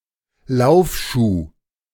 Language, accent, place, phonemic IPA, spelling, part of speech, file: German, Germany, Berlin, /ˈlaʊ̯fˌʃuː/, Laufschuh, noun, De-Laufschuh.ogg
- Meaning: running shoe